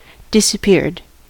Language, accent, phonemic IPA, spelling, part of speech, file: English, US, /dɪsəˈpɪɹd/, disappeared, adjective / noun / verb, En-us-disappeared.ogg
- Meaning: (adjective) Caused to disappear by someone, often for political reasons; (noun) A desaparecido; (verb) simple past and past participle of disappear